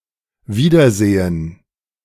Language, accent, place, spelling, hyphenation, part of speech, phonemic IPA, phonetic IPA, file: German, Germany, Berlin, wiedersehen, wie‧der‧se‧hen, verb, /ˈviːdəʁˌzeːn/, [ˈviːdɐˌzeːn], De-wiedersehen.ogg
- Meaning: to see again, to meet again